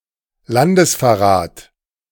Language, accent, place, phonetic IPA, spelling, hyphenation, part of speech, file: German, Germany, Berlin, [ˈlandəsfɛɐ̯ˌʁaːt], Landesverrat, Lan‧des‧ver‧rat, noun, De-Landesverrat.ogg
- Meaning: treason